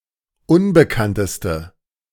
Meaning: inflection of unbekannt: 1. strong/mixed nominative/accusative feminine singular superlative degree 2. strong nominative/accusative plural superlative degree
- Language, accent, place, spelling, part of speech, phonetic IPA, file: German, Germany, Berlin, unbekannteste, adjective, [ˈʊnbəkantəstə], De-unbekannteste.ogg